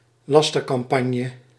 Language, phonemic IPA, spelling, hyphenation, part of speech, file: Dutch, /ˈlɑs.tər.kɑmˌpɑn.jə/, lastercampagne, las‧ter‧cam‧pag‧ne, noun, Nl-lastercampagne.ogg
- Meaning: smear campaign, defamation campaign